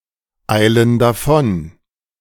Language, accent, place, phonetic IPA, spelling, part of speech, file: German, Germany, Berlin, [ˌaɪ̯lən daˈfɔn], eilen davon, verb, De-eilen davon.ogg
- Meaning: inflection of davoneilen: 1. first/third-person plural present 2. first/third-person plural subjunctive I